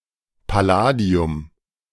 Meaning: palladium
- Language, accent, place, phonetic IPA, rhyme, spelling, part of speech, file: German, Germany, Berlin, [paˈlaːdi̯ʊm], -aːdi̯ʊm, Palladium, noun, De-Palladium.ogg